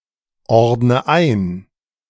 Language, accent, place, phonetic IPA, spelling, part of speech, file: German, Germany, Berlin, [ˌɔʁdnə ˈaɪ̯n], ordne ein, verb, De-ordne ein.ogg
- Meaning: inflection of einordnen: 1. first-person singular present 2. first/third-person singular subjunctive I 3. singular imperative